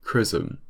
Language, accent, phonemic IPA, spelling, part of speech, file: English, UK, /ˈkɹɪz(ə)m/, chrism, noun, En-uk-chrism.ogg
- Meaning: A mixture of oil and balm, consecrated for use as an anointing fluid in certain Christian ceremonies, especially confirmation